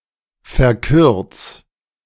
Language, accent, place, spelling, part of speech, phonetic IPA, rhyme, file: German, Germany, Berlin, verkürz, verb, [fɛɐ̯ˈkʏʁt͡s], -ʏʁt͡s, De-verkürz.ogg
- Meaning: 1. singular imperative of verkürzen 2. first-person singular present of verkürzen